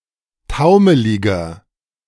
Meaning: 1. comparative degree of taumelig 2. inflection of taumelig: strong/mixed nominative masculine singular 3. inflection of taumelig: strong genitive/dative feminine singular
- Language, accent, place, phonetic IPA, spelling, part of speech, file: German, Germany, Berlin, [ˈtaʊ̯məlɪɡɐ], taumeliger, adjective, De-taumeliger.ogg